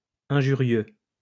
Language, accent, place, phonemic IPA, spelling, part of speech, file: French, France, Lyon, /ɛ̃.ʒy.ʁjø/, injurieux, adjective, LL-Q150 (fra)-injurieux.wav
- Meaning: injurious, hurtful, insulting, offensive